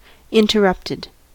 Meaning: simple past and past participle of interrupt
- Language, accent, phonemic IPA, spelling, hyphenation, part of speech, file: English, US, /ˌɪntəˈɹʌptɪd/, interrupted, in‧ter‧rupt‧ed, verb, En-us-interrupted.ogg